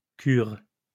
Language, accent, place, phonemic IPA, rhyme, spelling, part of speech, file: French, France, Lyon, /kyʁ/, -yʁ, cures, verb, LL-Q150 (fra)-cures.wav
- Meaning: second-person singular present indicative/subjunctive of curer